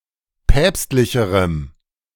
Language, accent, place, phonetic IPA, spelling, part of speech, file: German, Germany, Berlin, [ˈpɛːpstlɪçəʁəm], päpstlicherem, adjective, De-päpstlicherem.ogg
- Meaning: strong dative masculine/neuter singular comparative degree of päpstlich